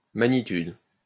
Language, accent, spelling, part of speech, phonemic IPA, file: French, France, magnitude, noun, /ma.ɲi.tyd/, LL-Q150 (fra)-magnitude.wav
- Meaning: magnitude